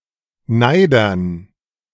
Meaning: dative plural of Neider
- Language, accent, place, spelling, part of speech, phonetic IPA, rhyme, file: German, Germany, Berlin, Neidern, noun, [ˈnaɪ̯dɐn], -aɪ̯dɐn, De-Neidern.ogg